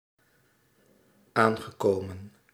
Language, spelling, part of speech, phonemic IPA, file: Dutch, aangekomen, verb, /ˈaŋɣəˌkomə(n)/, Nl-aangekomen.ogg
- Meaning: past participle of aankomen